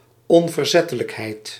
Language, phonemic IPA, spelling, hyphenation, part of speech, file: Dutch, /ɔnvərˈzɛtələkɦɛi̯t/, onverzettelijkheid, on‧ver‧zet‧te‧lijk‧heid, noun, Nl-onverzettelijkheid.ogg
- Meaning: tenacity, intransigence, obduracy